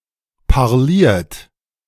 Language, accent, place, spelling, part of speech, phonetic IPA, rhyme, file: German, Germany, Berlin, parliert, verb, [paʁˈliːɐ̯t], -iːɐ̯t, De-parliert.ogg
- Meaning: 1. past participle of parlieren 2. inflection of parlieren: third-person singular present 3. inflection of parlieren: second-person plural present 4. inflection of parlieren: plural imperative